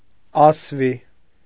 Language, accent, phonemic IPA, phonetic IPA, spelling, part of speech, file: Armenian, Eastern Armenian, /ɑsˈvi/, [ɑsví], ասվի, adjective, Hy-ասվի.ogg
- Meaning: woolen